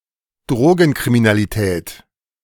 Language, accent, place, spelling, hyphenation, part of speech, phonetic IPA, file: German, Germany, Berlin, Drogenkriminalität, Dro‧gen‧kri‧mi‧na‧li‧tät, noun, [ˈdʁoːɡn̩kʁiminaliˌtɛːt], De-Drogenkriminalität.ogg
- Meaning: drug-related crime, drug crime